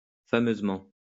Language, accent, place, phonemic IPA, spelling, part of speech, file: French, France, Lyon, /fa.møz.mɑ̃/, fameusement, adverb, LL-Q150 (fra)-fameusement.wav
- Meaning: 1. famously 2. very